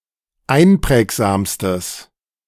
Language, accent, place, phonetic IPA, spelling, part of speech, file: German, Germany, Berlin, [ˈaɪ̯nˌpʁɛːkzaːmstəs], einprägsamstes, adjective, De-einprägsamstes.ogg
- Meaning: strong/mixed nominative/accusative neuter singular superlative degree of einprägsam